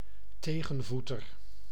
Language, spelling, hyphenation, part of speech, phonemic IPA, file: Dutch, tegenvoeter, te‧gen‧voe‧ter, noun, /ˈteː.ɣə(n)ˌvu.tər/, Nl-tegenvoeter.ogg
- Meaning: 1. a counterpart or an opposite of someone 2. an antipodean